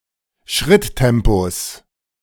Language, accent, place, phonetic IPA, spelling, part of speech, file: German, Germany, Berlin, [ˈʃʁɪtˌtɛmpos], Schritttempos, noun, De-Schritttempos.ogg
- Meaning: genitive singular of Schritttempo